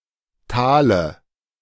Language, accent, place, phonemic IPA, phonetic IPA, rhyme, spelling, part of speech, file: German, Germany, Berlin, /ˈtaːlə/, [ˈtʰaːlə], -aːlə, Tale, noun, De-Tale.ogg
- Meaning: dative singular of Tal